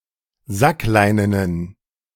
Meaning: inflection of sackleinen: 1. strong genitive masculine/neuter singular 2. weak/mixed genitive/dative all-gender singular 3. strong/weak/mixed accusative masculine singular 4. strong dative plural
- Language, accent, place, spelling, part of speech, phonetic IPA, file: German, Germany, Berlin, sackleinenen, adjective, [ˈzakˌlaɪ̯nənən], De-sackleinenen.ogg